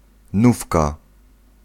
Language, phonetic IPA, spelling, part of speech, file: Polish, [ˈnufka], nówka, noun, Pl-nówka.ogg